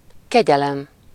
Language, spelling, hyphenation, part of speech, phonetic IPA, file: Hungarian, kegyelem, ke‧gye‧lem, noun, [ˈkɛɟɛlɛm], Hu-kegyelem.ogg
- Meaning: mercy, pardon, clemency, reprieve, leniency